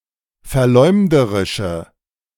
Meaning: inflection of verleumderisch: 1. strong/mixed nominative/accusative feminine singular 2. strong nominative/accusative plural 3. weak nominative all-gender singular
- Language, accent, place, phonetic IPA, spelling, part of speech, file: German, Germany, Berlin, [fɛɐ̯ˈlɔɪ̯mdəʁɪʃə], verleumderische, adjective, De-verleumderische.ogg